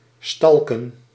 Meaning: to stalk (to follow and harass someone)
- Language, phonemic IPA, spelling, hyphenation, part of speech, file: Dutch, /ˈstɑl.kə(n)/, stalken, stal‧ken, verb, Nl-stalken.ogg